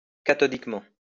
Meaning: cathodically
- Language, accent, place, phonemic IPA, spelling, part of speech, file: French, France, Lyon, /ka.tɔ.dik.mɑ̃/, cathodiquement, adverb, LL-Q150 (fra)-cathodiquement.wav